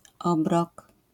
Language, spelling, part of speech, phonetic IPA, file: Polish, obrok, noun, [ˈɔbrɔk], LL-Q809 (pol)-obrok.wav